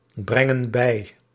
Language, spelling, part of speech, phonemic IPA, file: Dutch, brengen bij, verb, /ˈbrɛŋə(n) ˈbɛi/, Nl-brengen bij.ogg
- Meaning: inflection of bijbrengen: 1. plural present indicative 2. plural present subjunctive